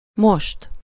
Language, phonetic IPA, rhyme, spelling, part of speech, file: Hungarian, [ˈmoʃt], -oʃt, most, adverb, Hu-most.ogg
- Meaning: now